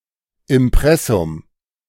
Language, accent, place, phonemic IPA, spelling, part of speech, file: German, Germany, Berlin, /ɪmˈpʁɛsʊm/, Impressum, noun, De-Impressum.ogg
- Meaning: 1. imprint 2. masthead 3. A statement detailing the authorship and ownership of a document or website